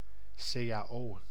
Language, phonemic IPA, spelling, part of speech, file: Dutch, /seː.aːˈoː/, CAO, noun, Nl-CAO.ogg
- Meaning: alternative letter-case form of cao